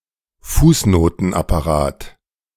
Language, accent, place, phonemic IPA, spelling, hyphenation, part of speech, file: German, Germany, Berlin, /ˈfuːsˌnoːtən.apaˌʁaːt/, Fußnotenapparat, Fuß‧no‧ten‧ap‧pa‧rat, noun, De-Fußnotenapparat.ogg
- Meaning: all footnotes in a document or book; the footnote text (as a contrast to the body text)